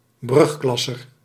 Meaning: a pupil in the first form or grade of secondary education, usually at the age of twelve or thirteen
- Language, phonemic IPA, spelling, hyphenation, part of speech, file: Dutch, /ˈbrʏxˌklɑ.sər/, brugklasser, brug‧klas‧ser, noun, Nl-brugklasser.ogg